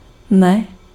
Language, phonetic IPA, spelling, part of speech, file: Czech, [ˈnɛ], ne, interjection / particle, Cs-ne.ogg
- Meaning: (interjection) no!; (particle) not